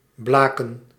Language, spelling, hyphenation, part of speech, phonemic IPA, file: Dutch, blaken, bla‧ken, verb, /ˈblaːkə(n)/, Nl-blaken.ogg
- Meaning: 1. to scorch, blaze 2. to be extremely good, to be full of (something)